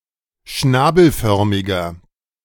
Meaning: inflection of schnabelförmig: 1. strong/mixed nominative masculine singular 2. strong genitive/dative feminine singular 3. strong genitive plural
- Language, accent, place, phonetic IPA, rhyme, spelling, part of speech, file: German, Germany, Berlin, [ˈʃnaːbl̩ˌfœʁmɪɡɐ], -aːbl̩fœʁmɪɡɐ, schnabelförmiger, adjective, De-schnabelförmiger.ogg